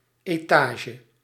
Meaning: floor, storey
- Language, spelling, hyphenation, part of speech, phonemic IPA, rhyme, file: Dutch, etage, eta‧ge, noun, /ˌeːˈtaː.ʒə/, -aːʒə, Nl-etage.ogg